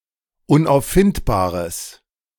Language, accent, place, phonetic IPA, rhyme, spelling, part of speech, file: German, Germany, Berlin, [ʊnʔaʊ̯fˈfɪntbaːʁəs], -ɪntbaːʁəs, unauffindbares, adjective, De-unauffindbares.ogg
- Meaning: strong/mixed nominative/accusative neuter singular of unauffindbar